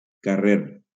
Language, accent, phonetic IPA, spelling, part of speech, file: Catalan, Valencia, [kaˈreɾ], carrer, noun, LL-Q7026 (cat)-carrer.wav
- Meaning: 1. street 2. road 3. lane, fairway